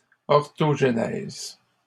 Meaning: orthogenesis
- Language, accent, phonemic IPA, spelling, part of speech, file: French, Canada, /ɔʁ.tɔʒ.nɛz/, orthogenèse, noun, LL-Q150 (fra)-orthogenèse.wav